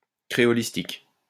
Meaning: creolistics
- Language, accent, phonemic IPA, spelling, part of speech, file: French, France, /kʁe.ɔ.lis.tik/, créolistique, noun, LL-Q150 (fra)-créolistique.wav